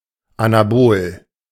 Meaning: anabolic
- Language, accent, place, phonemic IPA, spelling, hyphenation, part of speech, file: German, Germany, Berlin, /anaˈboːl/, anabol, ana‧bol, adjective, De-anabol.ogg